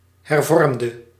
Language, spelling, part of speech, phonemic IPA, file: Dutch, hervormde, verb / adjective, /hɛrˈvɔrᵊmdə/, Nl-hervormde.ogg
- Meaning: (adjective) inflection of hervormd: 1. masculine/feminine singular attributive 2. definite neuter singular attributive 3. plural attributive; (verb) singular past indicative/subjunctive of hervormen